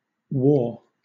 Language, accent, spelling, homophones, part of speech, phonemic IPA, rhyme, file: English, Southern England, waw, war, verb / noun, /wɔː/, -ɔː, LL-Q1860 (eng)-waw.wav
- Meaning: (verb) To stir; move; wave; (noun) 1. A wave 2. A wall